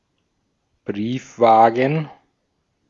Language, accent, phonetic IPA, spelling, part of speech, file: German, Austria, [ˈbʁiːfˌvaːɡn̩], Briefwaagen, noun, De-at-Briefwaagen.ogg
- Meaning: plural of Briefwaage